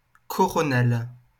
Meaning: feminine singular of coronal
- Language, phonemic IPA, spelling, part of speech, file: French, /kɔ.ʁɔ.nal/, coronale, adjective, LL-Q150 (fra)-coronale.wav